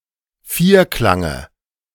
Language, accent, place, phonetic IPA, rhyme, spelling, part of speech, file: German, Germany, Berlin, [ˈfiːɐ̯ˌklaŋə], -iːɐ̯klaŋə, Vierklange, noun, De-Vierklange.ogg
- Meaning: dative of Vierklang